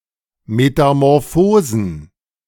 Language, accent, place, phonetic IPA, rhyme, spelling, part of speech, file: German, Germany, Berlin, [ˌmetamɔʁˈfoːzn̩], -oːzn̩, Metamorphosen, noun, De-Metamorphosen.ogg
- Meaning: plural of Metamorphose